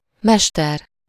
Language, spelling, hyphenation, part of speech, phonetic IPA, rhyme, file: Hungarian, mester, mes‧ter, noun, [ˈmɛʃtɛr], -ɛr, Hu-mester.ogg
- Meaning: 1. master, craftsman (a tradesman who is qualified to teach apprentices) 2. master (an expert at something) 3. teacher, mentor, guru